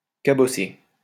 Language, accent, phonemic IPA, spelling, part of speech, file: French, France, /ka.bɔ.se/, cabosser, verb, LL-Q150 (fra)-cabosser.wav
- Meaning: to dent